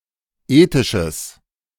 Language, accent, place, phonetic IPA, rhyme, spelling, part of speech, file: German, Germany, Berlin, [ˈeːtɪʃəs], -eːtɪʃəs, ethisches, adjective, De-ethisches.ogg
- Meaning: strong/mixed nominative/accusative neuter singular of ethisch